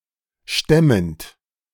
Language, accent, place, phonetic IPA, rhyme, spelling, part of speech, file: German, Germany, Berlin, [ˈʃtɛmənt], -ɛmənt, stemmend, verb, De-stemmend.ogg
- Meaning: present participle of stemmen